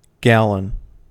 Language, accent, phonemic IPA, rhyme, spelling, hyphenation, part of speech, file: English, US, /ˈɡælən/, -ælən, gallon, gal‧lon, noun, En-us-gallon.ogg
- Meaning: 1. A unit of volume, equivalent to eight pints 2. exactly 4.54609 liters; an imperial gallon 3. 231 cubic inches or approximately 3.785 liters for liquids (a "U.S. liquid gallon")